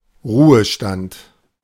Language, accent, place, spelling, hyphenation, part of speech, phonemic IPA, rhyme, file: German, Germany, Berlin, Ruhestand, Ru‧he‧stand, noun, /ˈʁuːəˌʃtant/, -ant, De-Ruhestand.ogg
- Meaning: retirement